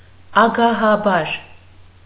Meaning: 1. greedily, avidly 2. eagerly
- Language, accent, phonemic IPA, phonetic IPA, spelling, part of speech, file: Armenian, Eastern Armenian, /ɑɡɑhɑˈbɑɾ/, [ɑɡɑhɑbɑ́ɾ], ագահաբար, adverb, Hy-ագահաբար.ogg